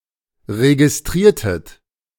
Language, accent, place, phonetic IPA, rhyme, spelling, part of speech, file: German, Germany, Berlin, [ʁeɡɪsˈtʁiːɐ̯tət], -iːɐ̯tət, registriertet, verb, De-registriertet.ogg
- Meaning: inflection of registrieren: 1. second-person plural preterite 2. second-person plural subjunctive II